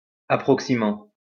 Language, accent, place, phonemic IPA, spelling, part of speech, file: French, France, Lyon, /a.pʁɔk.si.mɑ̃/, approximant, verb, LL-Q150 (fra)-approximant.wav
- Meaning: present participle of approximer